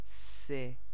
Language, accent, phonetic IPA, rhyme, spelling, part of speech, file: Persian, Iran, [siːn], -iːn, س, character, Fa-س.ogg
- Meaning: The fifteenth letter of the Persian alphabet, called سین and written in the Arabic script; preceded by ژ and followed by ش